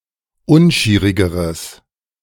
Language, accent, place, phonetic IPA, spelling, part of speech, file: German, Germany, Berlin, [ˈʊnˌʃiːʁɪɡəʁəs], unschierigeres, adjective, De-unschierigeres.ogg
- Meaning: strong/mixed nominative/accusative neuter singular comparative degree of unschierig